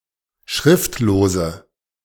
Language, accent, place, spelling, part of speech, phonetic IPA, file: German, Germany, Berlin, schriftlose, adjective, [ˈʃʁɪftloːzə], De-schriftlose.ogg
- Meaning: inflection of schriftlos: 1. strong/mixed nominative/accusative feminine singular 2. strong nominative/accusative plural 3. weak nominative all-gender singular